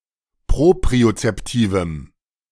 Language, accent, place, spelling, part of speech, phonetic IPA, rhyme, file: German, Germany, Berlin, propriozeptivem, adjective, [ˌpʁopʁiot͡sɛpˈtiːvm̩], -iːvm̩, De-propriozeptivem.ogg
- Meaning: strong dative masculine/neuter singular of propriozeptiv